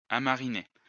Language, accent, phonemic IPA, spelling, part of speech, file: French, France, /a.ma.ʁi.ne/, amariner, verb, LL-Q150 (fra)-amariner.wav
- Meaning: 1. to become a sailor 2. to get one's sea legs